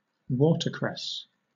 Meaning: 1. A perennial European herb, Nasturtium officinale, that grows in freshwater streams; used in salads and as a garnish 2. A similar plant, Nasturtium microphyllum
- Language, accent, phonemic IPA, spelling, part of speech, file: English, Southern England, /ˈwɔːtəkɹɛs/, watercress, noun, LL-Q1860 (eng)-watercress.wav